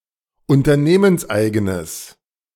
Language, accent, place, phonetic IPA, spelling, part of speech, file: German, Germany, Berlin, [ʊntɐˈneːmənsˌʔaɪ̯ɡənəs], unternehmenseigenes, adjective, De-unternehmenseigenes.ogg
- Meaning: strong/mixed nominative/accusative neuter singular of unternehmenseigen